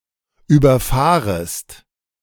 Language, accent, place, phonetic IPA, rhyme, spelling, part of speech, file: German, Germany, Berlin, [yːbɐˈfaːʁəst], -aːʁəst, überfahrest, verb, De-überfahrest.ogg
- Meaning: second-person singular subjunctive I of überfahren